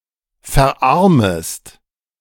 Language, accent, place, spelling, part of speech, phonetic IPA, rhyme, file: German, Germany, Berlin, verarmest, verb, [fɛɐ̯ˈʔaʁməst], -aʁməst, De-verarmest.ogg
- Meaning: second-person singular subjunctive I of verarmen